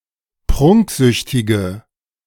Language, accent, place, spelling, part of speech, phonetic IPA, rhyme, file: German, Germany, Berlin, prunksüchtige, adjective, [ˈpʁʊŋkˌzʏçtɪɡə], -ʊŋkzʏçtɪɡə, De-prunksüchtige.ogg
- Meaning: inflection of prunksüchtig: 1. strong/mixed nominative/accusative feminine singular 2. strong nominative/accusative plural 3. weak nominative all-gender singular